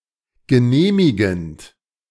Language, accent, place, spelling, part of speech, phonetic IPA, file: German, Germany, Berlin, genehmigend, verb, [ɡəˈneːmɪɡn̩t], De-genehmigend.ogg
- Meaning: present participle of genehmigen